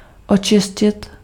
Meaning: to clean, clear
- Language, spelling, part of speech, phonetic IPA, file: Czech, očistit, verb, [ˈot͡ʃɪscɪt], Cs-očistit.ogg